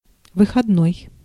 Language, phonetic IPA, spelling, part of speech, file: Russian, [vɨxɐdˈnoj], выходной, adjective / noun, Ru-выходной.ogg
- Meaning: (adjective) 1. exit 2. holiday, day off; festive 3. free (not working), on a day off, off 4. discharge; given on discharge; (noun) 1. day off (a day of vacation) 2. weekend